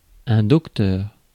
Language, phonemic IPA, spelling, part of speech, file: French, /dɔk.tœʁ/, docteur, noun, Fr-docteur.ogg
- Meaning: 1. a doctor (physician) 2. a doctor (person who has attained a doctorate), especially a male doctor